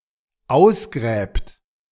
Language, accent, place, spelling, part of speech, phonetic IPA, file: German, Germany, Berlin, ausgräbt, verb, [ˈaʊ̯sˌɡʁɛːpt], De-ausgräbt.ogg
- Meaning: third-person singular dependent present of ausgraben